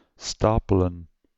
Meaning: 1. to pile, to stack 2. to complete multiple tracks/variants of education at the same educational level (i.e. at secondary or tertiary education)
- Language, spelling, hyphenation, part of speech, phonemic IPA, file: Dutch, stapelen, sta‧pe‧len, verb, /ˈstaː.pə.lə(n)/, Nl-stapelen.ogg